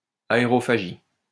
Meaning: aerophagy
- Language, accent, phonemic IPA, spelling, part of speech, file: French, France, /a.e.ʁɔ.fa.ʒi/, aérophagie, noun, LL-Q150 (fra)-aérophagie.wav